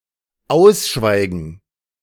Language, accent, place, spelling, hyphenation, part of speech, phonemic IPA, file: German, Germany, Berlin, ausschweigen, aus‧schwei‧gen, verb, /ˈaʊ̯sˌʃvaɪ̯ɡn̩/, De-ausschweigen.ogg
- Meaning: to stop talking; to be quiet